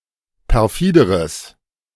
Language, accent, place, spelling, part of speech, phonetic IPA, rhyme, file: German, Germany, Berlin, perfideres, adjective, [pɛʁˈfiːdəʁəs], -iːdəʁəs, De-perfideres.ogg
- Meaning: strong/mixed nominative/accusative neuter singular comparative degree of perfide